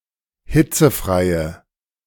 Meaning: inflection of hitzefrei: 1. strong/mixed nominative/accusative feminine singular 2. strong nominative/accusative plural 3. weak nominative all-gender singular
- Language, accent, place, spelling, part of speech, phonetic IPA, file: German, Germany, Berlin, hitzefreie, adjective, [ˈhɪt͡səˌfʁaɪ̯ə], De-hitzefreie.ogg